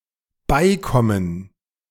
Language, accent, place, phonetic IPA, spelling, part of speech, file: German, Germany, Berlin, [ˈbaɪ̯ˌkɔmən], beikommen, verb, De-beikommen.ogg
- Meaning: 1. to come here 2. to deal with 3. to come to mind